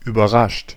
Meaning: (verb) past participle of überraschen; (adjective) surprised; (verb) inflection of überraschen: 1. third-person singular present 2. second-person plural present 3. plural imperative
- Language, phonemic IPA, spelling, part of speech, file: German, /yːbɐˈʁaʃt/, überrascht, verb / adjective, De-überrascht.ogg